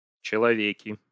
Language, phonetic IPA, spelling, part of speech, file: Russian, [t͡ɕɪɫɐˈvʲekʲɪ], человеки, noun, Ru-человеки.ogg
- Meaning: nominative plural of челове́к (čelovék)